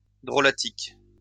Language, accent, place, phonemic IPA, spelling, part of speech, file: French, France, Lyon, /dʁɔ.la.tik/, drolatique, adjective, LL-Q150 (fra)-drolatique.wav
- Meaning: humorous